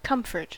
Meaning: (noun) 1. Contentment, ease 2. Something that offers comfort 3. A consolation; something relieving suffering or worry 4. A cause of relief or satisfaction
- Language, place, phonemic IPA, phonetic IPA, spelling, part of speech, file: English, California, /ˈkʌm.fɚt/, [ˈkʰɐɱ.fɚt], comfort, noun / verb, En-us-comfort.ogg